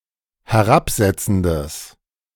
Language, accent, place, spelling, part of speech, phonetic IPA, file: German, Germany, Berlin, herabsetzendes, adjective, [hɛˈʁapˌzɛt͡sn̩dəs], De-herabsetzendes.ogg
- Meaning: strong/mixed nominative/accusative neuter singular of herabsetzend